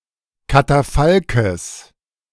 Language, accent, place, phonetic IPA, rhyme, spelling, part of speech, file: German, Germany, Berlin, [kataˈfalkəs], -alkəs, Katafalkes, noun, De-Katafalkes.ogg
- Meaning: genitive of Katafalk